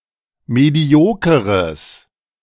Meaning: strong/mixed nominative/accusative neuter singular of medioker
- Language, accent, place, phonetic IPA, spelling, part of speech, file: German, Germany, Berlin, [ˌmeˈdi̯oːkəʁəs], mediokeres, adjective, De-mediokeres.ogg